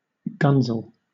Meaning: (noun) 1. A railway or tram enthusiast; particularly (formerly derogatory) one who is overly enthusiastic or foolish 2. An enthusiast or geek with a specific interest 3. Alternative spelling of gunsel
- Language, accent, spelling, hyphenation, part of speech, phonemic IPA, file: English, Southern England, gunzel, gun‧zel, noun / verb, /ˈɡʌnzl̩/, LL-Q1860 (eng)-gunzel.wav